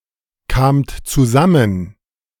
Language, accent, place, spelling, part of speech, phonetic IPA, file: German, Germany, Berlin, kamt zusammen, verb, [ˌkaːmt t͡suˈzamən], De-kamt zusammen.ogg
- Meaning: second-person plural preterite of zusammenkommen